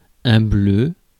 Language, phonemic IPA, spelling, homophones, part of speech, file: French, /blø/, bleu, bleue / bleus / bleues, adjective / noun / interjection, Fr-bleu.ogg
- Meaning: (adjective) 1. blue 2. very rare, underdone; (noun) 1. the color blue 2. blue cheese 3. rookie, new recruit, raw recruit 4. bruise 5. billiard chalk